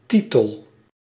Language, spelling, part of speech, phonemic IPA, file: Dutch, titel, noun / verb, /ˈtitəl/, Nl-titel.ogg
- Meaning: title